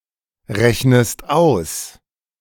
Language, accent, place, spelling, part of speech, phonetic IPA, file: German, Germany, Berlin, rechnest aus, verb, [ˌʁɛçnəst ˈaʊ̯s], De-rechnest aus.ogg
- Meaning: inflection of ausrechnen: 1. second-person singular present 2. second-person singular subjunctive I